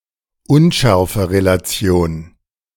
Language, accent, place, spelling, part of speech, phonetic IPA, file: German, Germany, Berlin, Unschärferelation, noun, [ˈʊnʃɛʁfəʁelaˌt͡si̯oːn], De-Unschärferelation.ogg
- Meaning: uncertainty principle